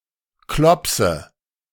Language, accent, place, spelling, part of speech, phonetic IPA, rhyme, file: German, Germany, Berlin, Klopse, noun, [ˈklɔpsə], -ɔpsə, De-Klopse.ogg
- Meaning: nominative/accusative/genitive plural of Klops